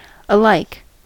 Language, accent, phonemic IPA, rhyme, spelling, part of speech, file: English, US, /əˈlaɪk/, -aɪk, alike, adjective / adverb, En-us-alike.ogg
- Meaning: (adjective) Having resemblance or similitude; similar; without difference; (adverb) In the same manner, form, or degree; in common; equally